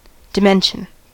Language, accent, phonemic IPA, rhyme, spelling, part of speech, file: English, US, /dɪˈmɛn.ʃən/, -ɛnʃən, dimension, noun / verb, En-us-dimension.ogg
- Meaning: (noun) 1. A single aspect of a given thing 2. A measure of spatial extent in a particular direction, such as height, width or breadth, or depth